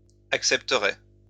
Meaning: first-person singular future of accepter
- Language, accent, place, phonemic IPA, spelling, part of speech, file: French, France, Lyon, /ak.sɛp.tə.ʁe/, accepterai, verb, LL-Q150 (fra)-accepterai.wav